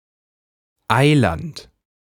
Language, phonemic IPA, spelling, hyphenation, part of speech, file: German, /ˈaɪ̯lant/, Eiland, Ei‧land, noun, De-Eiland.ogg
- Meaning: an island, usually a small and/or isolated one